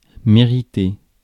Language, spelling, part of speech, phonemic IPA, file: French, mériter, verb, /me.ʁi.te/, Fr-mériter.ogg
- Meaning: to deserve, merit